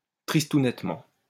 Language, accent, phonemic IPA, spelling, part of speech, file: French, France, /tʁis.tu.nɛt.mɑ̃/, tristounettement, adverb, LL-Q150 (fra)-tristounettement.wav
- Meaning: sullenly